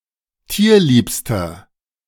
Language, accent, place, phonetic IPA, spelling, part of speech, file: German, Germany, Berlin, [ˈtiːɐ̯ˌliːpstɐ], tierliebster, adjective, De-tierliebster.ogg
- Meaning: inflection of tierlieb: 1. strong/mixed nominative masculine singular superlative degree 2. strong genitive/dative feminine singular superlative degree 3. strong genitive plural superlative degree